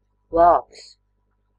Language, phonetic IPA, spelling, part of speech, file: Latvian, [ˈvâːks], vāks, noun, Lv-vāks.ogg
- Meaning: 1. lid, movable cover (to protect something) 2. book cover 3. folder, file (for documents, papers, etc.)